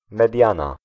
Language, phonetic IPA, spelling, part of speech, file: Polish, [mɛˈdʲjãna], mediana, noun, Pl-mediana.ogg